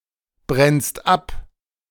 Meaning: second-person singular present of abbrennen
- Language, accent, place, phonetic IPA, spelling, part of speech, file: German, Germany, Berlin, [ˌbʁɛnst ˈap], brennst ab, verb, De-brennst ab.ogg